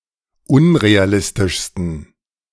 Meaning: 1. superlative degree of unrealistisch 2. inflection of unrealistisch: strong genitive masculine/neuter singular superlative degree
- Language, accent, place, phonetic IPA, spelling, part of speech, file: German, Germany, Berlin, [ˈʊnʁeaˌlɪstɪʃstn̩], unrealistischsten, adjective, De-unrealistischsten.ogg